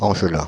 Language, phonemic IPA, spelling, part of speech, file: French, /ɑ̃ʒ.lɛ̃/, Angelin, noun, Fr-Angelin.ogg
- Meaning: a resident or native of Los Angeles, California; an Angeleno